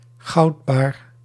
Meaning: a gold ingot
- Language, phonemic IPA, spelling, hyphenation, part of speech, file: Dutch, /ˈɣɑu̯t.baːr/, goudbaar, goud‧baar, noun, Nl-goudbaar.ogg